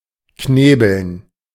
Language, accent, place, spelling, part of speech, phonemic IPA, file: German, Germany, Berlin, knebeln, verb, /ˈkneːbəln/, De-knebeln.ogg
- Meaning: 1. to gag (tie a piece of cloth around someone’s mouth to prevent them from shouting) 2. to hog-tie (tie up someone’s arms and legs to prevent them from moving)